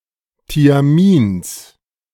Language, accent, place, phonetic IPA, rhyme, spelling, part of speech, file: German, Germany, Berlin, [tiaˈmiːns], -iːns, Thiamins, noun, De-Thiamins.ogg
- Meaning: genitive singular of Thiamin